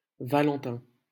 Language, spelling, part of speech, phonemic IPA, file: French, Valentin, proper noun, /va.lɑ̃.tɛ̃/, LL-Q150 (fra)-Valentin.wav
- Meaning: a male given name from Latin, equivalent to English Valentine